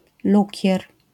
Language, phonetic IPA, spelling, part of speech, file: Polish, [ˈlucɛr], lukier, noun, LL-Q809 (pol)-lukier.wav